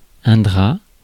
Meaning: sheet, duvet
- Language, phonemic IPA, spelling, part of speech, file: French, /dʁa/, drap, noun, Fr-drap.ogg